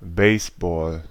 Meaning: 1. baseball (ballgame) 2. baseball (ball)
- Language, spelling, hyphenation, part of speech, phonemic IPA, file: German, Baseball, Base‧ball, noun, /ˈbɛɪ̯sbɔːl/, De-Baseball.ogg